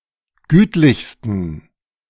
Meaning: 1. superlative degree of gütlich 2. inflection of gütlich: strong genitive masculine/neuter singular superlative degree
- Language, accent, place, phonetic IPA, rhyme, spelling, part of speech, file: German, Germany, Berlin, [ˈɡyːtlɪçstn̩], -yːtlɪçstn̩, gütlichsten, adjective, De-gütlichsten.ogg